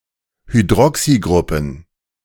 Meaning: plural of Hydroxygruppe
- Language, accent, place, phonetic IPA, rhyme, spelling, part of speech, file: German, Germany, Berlin, [hyˈdʁɔksiˌɡʁʊpn̩], -ɔksiɡʁʊpn̩, Hydroxygruppen, noun, De-Hydroxygruppen.ogg